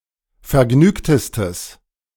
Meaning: strong/mixed nominative/accusative neuter singular superlative degree of vergnügt
- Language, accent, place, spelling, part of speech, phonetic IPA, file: German, Germany, Berlin, vergnügtestes, adjective, [fɛɐ̯ˈɡnyːktəstəs], De-vergnügtestes.ogg